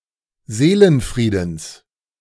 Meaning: genitive of Seelenfrieden
- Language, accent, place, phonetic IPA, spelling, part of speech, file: German, Germany, Berlin, [ˈzeːlənˌfʁiːdn̩s], Seelenfriedens, noun, De-Seelenfriedens.ogg